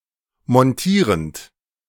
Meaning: present participle of montieren
- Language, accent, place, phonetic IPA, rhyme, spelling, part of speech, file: German, Germany, Berlin, [mɔnˈtiːʁənt], -iːʁənt, montierend, verb, De-montierend.ogg